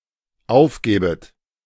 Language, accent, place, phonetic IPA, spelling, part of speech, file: German, Germany, Berlin, [ˈaʊ̯fˌɡɛːbət], aufgäbet, verb, De-aufgäbet.ogg
- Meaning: second-person plural dependent subjunctive II of aufgeben